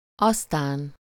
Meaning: then, after it
- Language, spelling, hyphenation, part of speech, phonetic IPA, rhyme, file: Hungarian, aztán, az‧tán, adverb, [ˈɒstaːn], -aːn, Hu-aztán.ogg